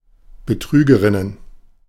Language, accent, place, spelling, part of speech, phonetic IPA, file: German, Germany, Berlin, Betrügerinnen, noun, [bəˈtʁyːɡəʁɪnən], De-Betrügerinnen.ogg
- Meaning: plural of Betrügerin